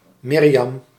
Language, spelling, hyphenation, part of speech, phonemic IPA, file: Dutch, Mirjam, Mir‧jam, proper noun, /ˈmɪr.jɑm/, Nl-Mirjam.ogg
- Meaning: 1. Miriam 2. a female given name, also spelled Miriam